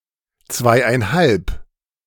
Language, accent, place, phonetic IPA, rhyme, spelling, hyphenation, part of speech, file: German, Germany, Berlin, [ˈt͡svaɪ̯ʔaɪ̯nˈhalp], -alp, zweieinhalb, zwei‧ein‧halb, numeral, De-zweieinhalb.ogg
- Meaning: two and a half